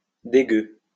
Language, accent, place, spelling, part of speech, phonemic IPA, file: French, France, Lyon, dégueu, adjective, /de.ɡø/, LL-Q150 (fra)-dégueu.wav
- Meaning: bloody disgusting; rank; yucky